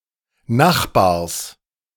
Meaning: genitive singular of Nachbar
- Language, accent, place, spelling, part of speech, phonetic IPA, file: German, Germany, Berlin, Nachbars, noun, [ˈnaxˌbaːɐ̯s], De-Nachbars.ogg